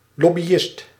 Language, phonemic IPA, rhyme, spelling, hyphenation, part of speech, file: Dutch, /lɔ.biˈɪst/, -ɪst, lobbyist, lob‧by‧ist, noun, Nl-lobbyist.ogg
- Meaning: lobbyist